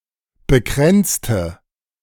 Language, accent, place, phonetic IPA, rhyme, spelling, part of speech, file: German, Germany, Berlin, [bəˈkʁɛnt͡stə], -ɛnt͡stə, bekränzte, adjective / verb, De-bekränzte.ogg
- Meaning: inflection of bekränzen: 1. first/third-person singular preterite 2. first/third-person singular subjunctive II